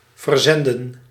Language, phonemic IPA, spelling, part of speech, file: Dutch, /vərˈzɛndə(n)/, verzenden, verb, Nl-verzenden.ogg
- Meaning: to send, to ship